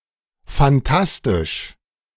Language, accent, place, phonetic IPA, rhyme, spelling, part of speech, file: German, Germany, Berlin, [fanˈtastɪʃ], -astɪʃ, phantastisch, adjective, De-phantastisch.ogg
- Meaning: alternative spelling of fantastisch